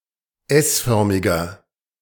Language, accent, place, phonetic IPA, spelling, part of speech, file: German, Germany, Berlin, [ˈɛsˌfœʁmɪɡɐ], s-förmiger, adjective, De-s-förmiger.ogg
- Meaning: inflection of s-förmig: 1. strong/mixed nominative masculine singular 2. strong genitive/dative feminine singular 3. strong genitive plural